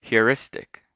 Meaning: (adjective) That employs a practical method not guaranteed to be optimal or perfect; either not following or derived from any theory, or based on an advisedly oversimplified one
- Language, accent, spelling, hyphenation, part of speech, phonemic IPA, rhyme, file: English, US, heuristic, heu‧ris‧tic, adjective / noun, /hjəˈɹɪstɪk/, -ɪstɪk, En-us-heuristic.ogg